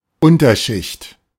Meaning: 1. underclass, riff-raff 2. substratum 3. understorey
- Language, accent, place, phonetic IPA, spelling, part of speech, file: German, Germany, Berlin, [ˈʊntɐˌʃɪçt], Unterschicht, noun, De-Unterschicht.ogg